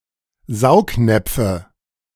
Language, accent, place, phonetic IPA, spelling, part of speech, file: German, Germany, Berlin, [ˈzaʊ̯kˌnɛp͡fə], Saugnäpfe, noun, De-Saugnäpfe.ogg
- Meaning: nominative/accusative/genitive plural of Saugnapf